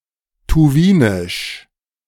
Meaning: Tuvan
- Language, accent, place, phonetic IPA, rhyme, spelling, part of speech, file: German, Germany, Berlin, [tuˈviːnɪʃ], -iːnɪʃ, Tuwinisch, noun, De-Tuwinisch.ogg